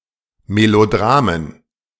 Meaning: plural of Melodrama
- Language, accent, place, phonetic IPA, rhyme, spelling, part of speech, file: German, Germany, Berlin, [meloˈdʁaːmən], -aːmən, Melodramen, noun, De-Melodramen.ogg